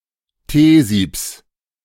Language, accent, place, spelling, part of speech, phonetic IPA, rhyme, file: German, Germany, Berlin, Teesiebs, noun, [ˈteːˌziːps], -eːziːps, De-Teesiebs.ogg
- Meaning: genitive of Teesieb